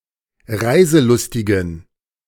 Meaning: inflection of reiselustig: 1. strong genitive masculine/neuter singular 2. weak/mixed genitive/dative all-gender singular 3. strong/weak/mixed accusative masculine singular 4. strong dative plural
- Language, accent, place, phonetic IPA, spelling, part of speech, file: German, Germany, Berlin, [ˈʁaɪ̯zəˌlʊstɪɡn̩], reiselustigen, adjective, De-reiselustigen.ogg